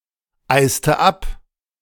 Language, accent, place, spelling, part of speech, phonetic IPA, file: German, Germany, Berlin, eiste ab, verb, [ˌaɪ̯stə ˈap], De-eiste ab.ogg
- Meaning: inflection of abeisen: 1. first/third-person singular preterite 2. first/third-person singular subjunctive II